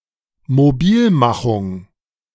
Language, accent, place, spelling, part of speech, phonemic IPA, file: German, Germany, Berlin, Mobilmachung, noun, /moˈbiːlˌmaχʊŋ/, De-Mobilmachung.ogg
- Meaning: mobilization